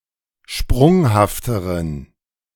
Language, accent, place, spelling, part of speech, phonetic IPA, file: German, Germany, Berlin, sprunghafteren, adjective, [ˈʃpʁʊŋhaftəʁən], De-sprunghafteren.ogg
- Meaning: inflection of sprunghaft: 1. strong genitive masculine/neuter singular comparative degree 2. weak/mixed genitive/dative all-gender singular comparative degree